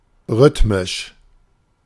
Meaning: 1. rhythmic (pertaining to rhythm) 2. rhythmic (defined by a consistent rhythm)
- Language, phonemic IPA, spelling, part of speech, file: German, /ˈʁʏtmɪʃ/, rhythmisch, adjective, De-rhythmisch.oga